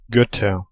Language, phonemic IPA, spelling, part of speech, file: German, /ˈɡœtɐ/, Götter, noun, De-Götter.ogg
- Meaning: nominative/accusative/genitive plural of Gott (“gods”)